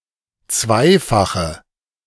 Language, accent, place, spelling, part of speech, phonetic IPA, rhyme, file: German, Germany, Berlin, zweifache, adjective, [ˈt͡svaɪ̯faxə], -aɪ̯faxə, De-zweifache.ogg
- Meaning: inflection of zweifach: 1. strong/mixed nominative/accusative feminine singular 2. strong nominative/accusative plural 3. weak nominative all-gender singular